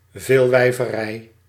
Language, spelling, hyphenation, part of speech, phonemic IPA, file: Dutch, veelwijverij, veel‧wij‧ve‧rij, noun, /ˌveːl.ʋɛi̯.vəˈrɛi̯/, Nl-veelwijverij.ogg
- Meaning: polygyny